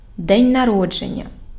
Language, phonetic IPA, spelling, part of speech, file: Ukrainian, [dɛnʲ nɐˈrɔd͡ʒenʲːɐ], день народження, noun, Uk-день народження.ogg
- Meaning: birthday